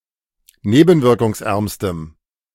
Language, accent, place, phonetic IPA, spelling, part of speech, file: German, Germany, Berlin, [ˈneːbn̩vɪʁkʊŋsˌʔɛʁmstəm], nebenwirkungsärmstem, adjective, De-nebenwirkungsärmstem.ogg
- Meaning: strong dative masculine/neuter singular superlative degree of nebenwirkungsarm